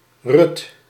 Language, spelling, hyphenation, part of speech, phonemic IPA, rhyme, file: Dutch, Ruth, Ruth, proper noun, /rʏt/, -ʏt, Nl-Ruth.ogg
- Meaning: 1. Ruth (Moabite woman, Biblical character) 2. Ruth (book of the Hebrew Bible; the eighth book according to the Christian canon) 3. a female given name